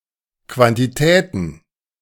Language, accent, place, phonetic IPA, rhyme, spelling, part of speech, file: German, Germany, Berlin, [ˌkvantiˈtɛːtn̩], -ɛːtn̩, Quantitäten, noun, De-Quantitäten.ogg
- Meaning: plural of Quantität